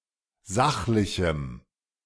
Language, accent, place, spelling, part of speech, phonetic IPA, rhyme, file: German, Germany, Berlin, sachlichem, adjective, [ˈzaxlɪçm̩], -axlɪçm̩, De-sachlichem.ogg
- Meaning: strong dative masculine/neuter singular of sachlich